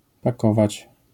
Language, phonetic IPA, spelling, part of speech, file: Polish, [paˈkɔvat͡ɕ], pakować, verb, LL-Q809 (pol)-pakować.wav